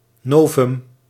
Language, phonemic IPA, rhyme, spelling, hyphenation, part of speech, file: Dutch, /ˈnoː.vʏm/, -oːvʏm, novum, no‧vum, noun, Nl-novum.ogg
- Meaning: a novelty, a novum